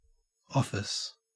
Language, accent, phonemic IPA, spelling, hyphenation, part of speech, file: English, Australia, /ˈɔf.ɪs/, office, of‧fice, noun / verb, En-au-office.ogg
- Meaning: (noun) 1. A ceremonial duty or service, particularly 2. A ceremonial duty or service: The authorized form of ceremonial worship of a church